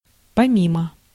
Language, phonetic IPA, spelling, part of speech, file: Russian, [pɐˈmʲimə], помимо, adverb / preposition, Ru-помимо.ogg
- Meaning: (adverb) besides; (preposition) 1. besides, aside from, apart from, in spite of 2. beside